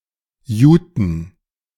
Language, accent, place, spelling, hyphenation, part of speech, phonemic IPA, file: German, Germany, Berlin, juten, ju‧ten, adjective, /ˈjuːtən/, De-juten.ogg
- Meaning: made of jute